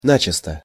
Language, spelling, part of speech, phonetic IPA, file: Russian, начисто, adverb, [ˈnat͡ɕɪstə], Ru-начисто.ogg
- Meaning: 1. clean 2. outright, decidedly, openly, flatly